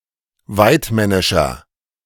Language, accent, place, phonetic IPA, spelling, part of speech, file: German, Germany, Berlin, [ˈvaɪ̯tˌmɛnɪʃɐ], waidmännischer, adjective, De-waidmännischer.ogg
- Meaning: 1. comparative degree of waidmännisch 2. inflection of waidmännisch: strong/mixed nominative masculine singular 3. inflection of waidmännisch: strong genitive/dative feminine singular